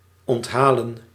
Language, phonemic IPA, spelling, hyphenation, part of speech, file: Dutch, /ˌɔntˈɦaː.lə(n)/, onthalen, ont‧ha‧len, verb, Nl-onthalen.ogg
- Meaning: to welcome hospitably, to regale